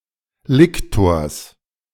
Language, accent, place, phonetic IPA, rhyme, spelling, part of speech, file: German, Germany, Berlin, [ˈlɪktoːɐ̯s], -ɪktoːɐ̯s, Liktors, noun, De-Liktors.ogg
- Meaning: genitive of Liktor